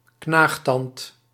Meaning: a relatively large incisor, such as a rodent's or a lagomorph's
- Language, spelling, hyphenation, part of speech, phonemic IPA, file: Dutch, knaagtand, knaag‧tand, noun, /ˈknaːx.tɑnt/, Nl-knaagtand.ogg